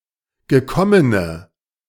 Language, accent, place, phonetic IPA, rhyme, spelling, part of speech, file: German, Germany, Berlin, [ɡəˈkɔmənə], -ɔmənə, gekommene, adjective, De-gekommene.ogg
- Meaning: inflection of gekommen: 1. strong/mixed nominative/accusative feminine singular 2. strong nominative/accusative plural 3. weak nominative all-gender singular